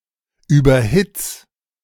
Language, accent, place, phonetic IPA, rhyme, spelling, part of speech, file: German, Germany, Berlin, [ˌyːbɐˈhɪt͡s], -ɪt͡s, überhitz, verb, De-überhitz.ogg
- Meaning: 1. singular imperative of überhitzen 2. first-person singular present of überhitzen